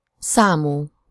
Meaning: having some kind of number
- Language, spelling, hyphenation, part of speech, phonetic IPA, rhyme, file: Hungarian, számú, szá‧mú, adjective, [ˈsaːmuː], -muː, Hu-számú.ogg